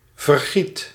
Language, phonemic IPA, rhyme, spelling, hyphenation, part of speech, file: Dutch, /vərˈɣit/, -it, vergiet, ver‧giet, noun / verb, Nl-vergiet.ogg
- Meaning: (noun) colander; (verb) inflection of vergieten: 1. first/second/third-person singular present indicative 2. imperative